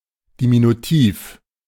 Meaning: diminutive (a noun or word expressing smallness)
- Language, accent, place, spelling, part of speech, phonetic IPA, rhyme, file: German, Germany, Berlin, Diminutiv, noun, [diminuˈtiːf], -iːf, De-Diminutiv.ogg